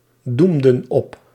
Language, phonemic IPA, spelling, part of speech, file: Dutch, /ˈdumdə(n) ˈɔp/, doemden op, verb, Nl-doemden op.ogg
- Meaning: inflection of opdoemen: 1. plural past indicative 2. plural past subjunctive